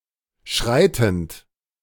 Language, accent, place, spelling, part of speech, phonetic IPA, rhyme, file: German, Germany, Berlin, schreitend, verb, [ˈʃʁaɪ̯tn̩t], -aɪ̯tn̩t, De-schreitend.ogg
- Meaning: present participle of schreiten